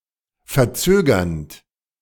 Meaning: present participle of verzögern
- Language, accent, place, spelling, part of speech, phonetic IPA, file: German, Germany, Berlin, verzögernd, verb, [fɛɐ̯ˈt͡søːɡɐnt], De-verzögernd.ogg